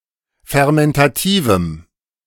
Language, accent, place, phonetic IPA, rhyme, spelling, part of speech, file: German, Germany, Berlin, [fɛʁmɛntaˈtiːvm̩], -iːvm̩, fermentativem, adjective, De-fermentativem.ogg
- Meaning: strong dative masculine/neuter singular of fermentativ